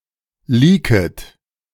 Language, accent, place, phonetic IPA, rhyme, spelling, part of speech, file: German, Germany, Berlin, [ˈliːkət], -iːkət, leaket, verb, De-leaket.ogg
- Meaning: second-person plural subjunctive I of leaken